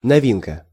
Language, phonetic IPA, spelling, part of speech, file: Russian, [nɐˈvʲinkə], новинка, noun, Ru-новинка.ogg
- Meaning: 1. novelty 2. new product, new arrival